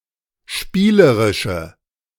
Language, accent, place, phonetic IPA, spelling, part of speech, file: German, Germany, Berlin, [ˈʃpiːləʁɪʃə], spielerische, adjective, De-spielerische.ogg
- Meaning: inflection of spielerisch: 1. strong/mixed nominative/accusative feminine singular 2. strong nominative/accusative plural 3. weak nominative all-gender singular